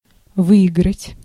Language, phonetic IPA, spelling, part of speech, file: Russian, [ˈvɨɪɡrətʲ], выиграть, verb, Ru-выиграть.ogg
- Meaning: 1. to win 2. to benefit, to gain